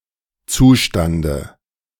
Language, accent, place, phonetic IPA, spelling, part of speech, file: German, Germany, Berlin, [ˈt͡suːˌʃtandə], Zustande, noun, De-Zustande.ogg
- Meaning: dative of Zustand